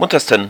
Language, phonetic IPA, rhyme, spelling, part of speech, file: German, [ˈmʊntɐstn̩], -ʊntɐstn̩, muntersten, adjective, De-muntersten.ogg
- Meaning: 1. superlative degree of munter 2. inflection of munter: strong genitive masculine/neuter singular superlative degree